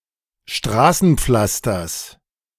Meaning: genitive singular of Straßenpflaster
- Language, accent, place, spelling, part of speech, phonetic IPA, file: German, Germany, Berlin, Straßenpflasters, noun, [ˈʃtʁaːsn̩ˌp͡flastɐs], De-Straßenpflasters.ogg